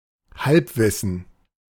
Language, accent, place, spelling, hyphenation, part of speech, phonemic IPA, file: German, Germany, Berlin, Halbwissen, Halb‧wis‧sen, noun, /ˈhalpˌvɪsn̩/, De-Halbwissen.ogg
- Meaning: superficial knowledge, especially that of an autodidact who overestimates their own proficiency